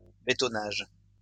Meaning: 1. concrete work 2. urbanization
- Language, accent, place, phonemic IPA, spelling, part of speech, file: French, France, Lyon, /be.tɔ.naʒ/, bétonnage, noun, LL-Q150 (fra)-bétonnage.wav